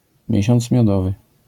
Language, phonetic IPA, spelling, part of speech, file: Polish, [ˈmʲjɛ̇ɕɔ̃nt͡s mʲjɔˈdɔvɨ], miesiąc miodowy, noun, LL-Q809 (pol)-miesiąc miodowy.wav